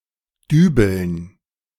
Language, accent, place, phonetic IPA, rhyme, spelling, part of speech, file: German, Germany, Berlin, [ˈdyːbl̩n], -yːbl̩n, Dübeln, noun, De-Dübeln.ogg
- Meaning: dative plural of Dübel